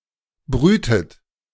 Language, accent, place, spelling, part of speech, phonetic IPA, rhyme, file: German, Germany, Berlin, brütet, verb, [ˈbʁyːtət], -yːtət, De-brütet.ogg
- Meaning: inflection of brüten: 1. third-person singular present 2. second-person plural present 3. second-person plural subjunctive I 4. plural imperative